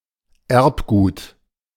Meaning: genetic material
- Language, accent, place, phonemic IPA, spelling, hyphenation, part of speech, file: German, Germany, Berlin, /ˈɛʁpˌɡuːt/, Erbgut, Erb‧gut, noun, De-Erbgut.ogg